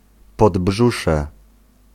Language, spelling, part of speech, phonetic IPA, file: Polish, podbrzusze, noun, [pɔdˈbʒuʃɛ], Pl-podbrzusze.ogg